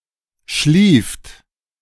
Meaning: 1. second-person plural preterite of schlafen 2. inflection of schliefen: third-person singular present 3. inflection of schliefen: second-person plural present
- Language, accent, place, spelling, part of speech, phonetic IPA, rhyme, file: German, Germany, Berlin, schlieft, verb, [ʃliːft], -iːft, De-schlieft.ogg